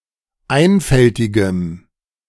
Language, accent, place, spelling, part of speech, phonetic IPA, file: German, Germany, Berlin, einfältigem, adjective, [ˈaɪ̯nfɛltɪɡəm], De-einfältigem.ogg
- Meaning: strong dative masculine/neuter singular of einfältig